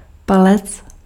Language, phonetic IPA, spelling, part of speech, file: Czech, [ˈpalɛt͡s], palec, noun, Cs-palec.ogg
- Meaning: 1. thumb 2. big toe 3. inch